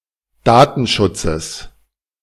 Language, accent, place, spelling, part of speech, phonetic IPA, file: German, Germany, Berlin, Datenschutzes, noun, [ˈdaːtn̩ˌʃʊt͡səs], De-Datenschutzes.ogg
- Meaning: genitive singular of Datenschutz